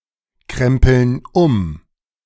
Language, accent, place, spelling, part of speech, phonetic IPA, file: German, Germany, Berlin, krempeln um, verb, [ˌkʁɛmpl̩n ˈʊm], De-krempeln um.ogg
- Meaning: inflection of umkrempeln: 1. first/third-person plural present 2. first/third-person plural subjunctive I